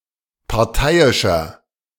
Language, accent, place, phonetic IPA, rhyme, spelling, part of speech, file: German, Germany, Berlin, [paʁˈtaɪ̯ɪʃɐ], -aɪ̯ɪʃɐ, parteiischer, adjective, De-parteiischer.ogg
- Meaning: 1. comparative degree of parteiisch 2. inflection of parteiisch: strong/mixed nominative masculine singular 3. inflection of parteiisch: strong genitive/dative feminine singular